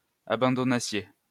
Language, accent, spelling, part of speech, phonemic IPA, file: French, France, abandonnassiez, verb, /a.bɑ̃.dɔ.na.sje/, LL-Q150 (fra)-abandonnassiez.wav
- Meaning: second-person plural imperfect subjunctive of abandonner